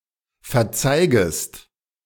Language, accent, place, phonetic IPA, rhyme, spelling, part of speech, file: German, Germany, Berlin, [fɛɐ̯ˈt͡saɪ̯ɡəst], -aɪ̯ɡəst, verzeigest, verb, De-verzeigest.ogg
- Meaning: second-person singular subjunctive I of verzeigen